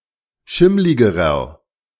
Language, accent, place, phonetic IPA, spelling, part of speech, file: German, Germany, Berlin, [ˈʃɪmlɪɡəʁɐ], schimmligerer, adjective, De-schimmligerer.ogg
- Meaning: inflection of schimmlig: 1. strong/mixed nominative masculine singular comparative degree 2. strong genitive/dative feminine singular comparative degree 3. strong genitive plural comparative degree